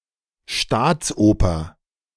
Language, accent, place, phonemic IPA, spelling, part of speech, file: German, Germany, Berlin, /ˈʃtaːt͡sˌʔoːpɐ/, Staatsoper, noun, De-Staatsoper.ogg
- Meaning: State opera